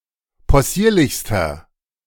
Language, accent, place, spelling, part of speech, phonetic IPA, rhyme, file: German, Germany, Berlin, possierlichster, adjective, [pɔˈsiːɐ̯lɪçstɐ], -iːɐ̯lɪçstɐ, De-possierlichster.ogg
- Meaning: inflection of possierlich: 1. strong/mixed nominative masculine singular superlative degree 2. strong genitive/dative feminine singular superlative degree 3. strong genitive plural superlative degree